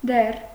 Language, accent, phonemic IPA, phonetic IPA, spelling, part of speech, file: Armenian, Eastern Armenian, /der/, [der], դեռ, adverb, Hy-դեռ.ogg
- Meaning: still, yet